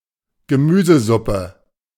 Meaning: vegetable soup
- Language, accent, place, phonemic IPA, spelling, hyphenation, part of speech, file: German, Germany, Berlin, /ɡəˈmyːzəˌzʊpə/, Gemüsesuppe, Ge‧mü‧se‧sup‧pe, noun, De-Gemüsesuppe.ogg